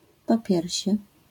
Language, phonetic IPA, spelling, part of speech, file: Polish, [pɔˈpʲjɛrʲɕɛ], popiersie, noun, LL-Q809 (pol)-popiersie.wav